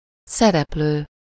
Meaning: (verb) present participle of szerepel; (noun) 1. character (being in a story) 2. performer, actor
- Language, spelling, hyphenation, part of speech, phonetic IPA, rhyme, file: Hungarian, szereplő, sze‧rep‧lő, verb / noun, [ˈsɛrɛpløː], -løː, Hu-szereplő.ogg